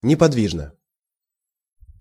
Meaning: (adverb) motionlessly (in a motionless manner); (adjective) short neuter singular of неподви́жный (nepodvížnyj)
- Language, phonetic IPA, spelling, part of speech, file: Russian, [nʲɪpɐdˈvʲiʐnə], неподвижно, adverb / adjective, Ru-неподвижно.ogg